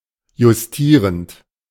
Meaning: present participle of justieren
- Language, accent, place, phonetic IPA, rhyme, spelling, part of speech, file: German, Germany, Berlin, [jʊsˈtiːʁənt], -iːʁənt, justierend, verb, De-justierend.ogg